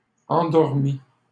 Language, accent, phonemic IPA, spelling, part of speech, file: French, Canada, /ɑ̃.dɔʁ.mi/, endormît, verb, LL-Q150 (fra)-endormît.wav
- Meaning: third-person singular imperfect subjunctive of endormir